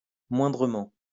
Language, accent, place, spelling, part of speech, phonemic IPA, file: French, France, Lyon, moindrement, adverb, /mwɛ̃.dʁə.mɑ̃/, LL-Q150 (fra)-moindrement.wav
- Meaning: in the least or slightest manner